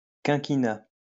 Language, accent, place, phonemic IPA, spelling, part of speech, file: French, France, Lyon, /kɛ̃.ki.na/, quinquina, noun, LL-Q150 (fra)-quinquina.wav
- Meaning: cinchona (tree)